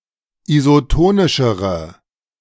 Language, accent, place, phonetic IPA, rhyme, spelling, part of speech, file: German, Germany, Berlin, [izoˈtoːnɪʃəʁə], -oːnɪʃəʁə, isotonischere, adjective, De-isotonischere.ogg
- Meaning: inflection of isotonisch: 1. strong/mixed nominative/accusative feminine singular comparative degree 2. strong nominative/accusative plural comparative degree